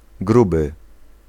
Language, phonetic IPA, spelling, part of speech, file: Polish, [ˈɡrubɨ], gruby, adjective / noun, Pl-gruby.ogg